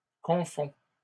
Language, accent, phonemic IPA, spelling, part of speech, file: French, Canada, /kɔ̃.fɔ̃/, confonds, verb, LL-Q150 (fra)-confonds.wav
- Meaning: inflection of confondre: 1. first/second-person singular present indicative 2. second-person singular imperative